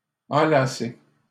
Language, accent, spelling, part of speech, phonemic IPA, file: French, Canada, enlacer, verb, /ɑ̃.la.se/, LL-Q150 (fra)-enlacer.wav
- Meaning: 1. to wrap around, to embrace 2. to wrap around each other, to intertwine